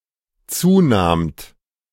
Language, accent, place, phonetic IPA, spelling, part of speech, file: German, Germany, Berlin, [ˈt͡suːˌnaːmt], zunahmt, verb, De-zunahmt.ogg
- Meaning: second-person plural dependent preterite of zunehmen